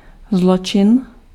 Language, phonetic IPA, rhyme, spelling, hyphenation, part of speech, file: Czech, [ˈzlot͡ʃɪn], -otʃɪn, zločin, zlo‧čin, noun, Cs-zločin.ogg
- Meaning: crime